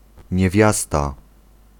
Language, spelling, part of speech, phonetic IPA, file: Polish, niewiasta, noun, [ɲɛˈvʲjasta], Pl-niewiasta.ogg